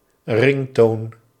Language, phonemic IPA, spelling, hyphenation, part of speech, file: Dutch, /ˈrɪŋ.toːn/, ringtone, ring‧tone, noun, Nl-ringtone.ogg
- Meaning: ringtone (sound made by a ringing telephone)